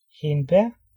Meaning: 1. raspberry (the fruit of Rubus idaeus) 2. raspberry (the plant Rubus idaeus)
- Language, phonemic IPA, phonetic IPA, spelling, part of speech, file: Danish, /henbɛr/, [ˈhenb̥æɐ̯], hindbær, noun, Da-hindbær.ogg